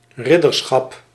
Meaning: 1. knighthood (state of being a knight) 2. knighthood (body of knights)
- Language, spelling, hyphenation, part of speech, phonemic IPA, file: Dutch, ridderschap, rid‧der‧schap, noun, /ˈrɪdərsxɑp/, Nl-ridderschap.ogg